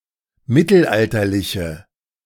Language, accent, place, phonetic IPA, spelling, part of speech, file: German, Germany, Berlin, [ˈmɪtl̩ˌʔaltɐlɪçə], mittelalterliche, adjective, De-mittelalterliche.ogg
- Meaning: inflection of mittelalterlich: 1. strong/mixed nominative/accusative feminine singular 2. strong nominative/accusative plural 3. weak nominative all-gender singular